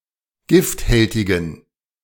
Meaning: inflection of gifthältig: 1. strong genitive masculine/neuter singular 2. weak/mixed genitive/dative all-gender singular 3. strong/weak/mixed accusative masculine singular 4. strong dative plural
- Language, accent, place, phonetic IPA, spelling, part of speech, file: German, Germany, Berlin, [ˈɡɪftˌhɛltɪɡn̩], gifthältigen, adjective, De-gifthältigen.ogg